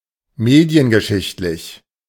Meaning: media-historical
- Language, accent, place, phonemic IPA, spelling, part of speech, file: German, Germany, Berlin, /ˈmeːdi̯ənɡəˈʃɪçtlɪç/, mediengeschichtlich, adjective, De-mediengeschichtlich.ogg